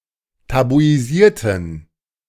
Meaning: inflection of tabuisieren: 1. first/third-person plural preterite 2. first/third-person plural subjunctive II
- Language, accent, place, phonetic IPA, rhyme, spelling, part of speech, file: German, Germany, Berlin, [tabuiˈziːɐ̯tn̩], -iːɐ̯tn̩, tabuisierten, adjective / verb, De-tabuisierten.ogg